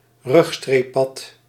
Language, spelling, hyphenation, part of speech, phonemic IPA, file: Dutch, rugstreeppad, rug‧streep‧pad, noun, /ˈrʏx.streː(p)ˌpɑt/, Nl-rugstreeppad.ogg
- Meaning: natterjack toad (Epidalea calamita)